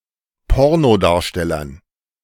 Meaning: dative plural of Pornodarsteller
- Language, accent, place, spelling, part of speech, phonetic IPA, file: German, Germany, Berlin, Pornodarstellern, noun, [ˈpɔʁnoˌdaːɐ̯ʃtɛlɐn], De-Pornodarstellern.ogg